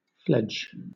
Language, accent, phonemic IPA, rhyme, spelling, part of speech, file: English, Southern England, /flɛd͡ʒ/, -ɛdʒ, fledge, verb / adjective, LL-Q1860 (eng)-fledge.wav
- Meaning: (verb) 1. To care for a young bird until it is capable of flight 2. To grow, cover or be covered with feathers 3. To decorate with feathers